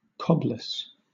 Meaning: That lacks a cob
- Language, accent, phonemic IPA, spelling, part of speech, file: English, Southern England, /ˈkɒbləs/, cobless, adjective, LL-Q1860 (eng)-cobless.wav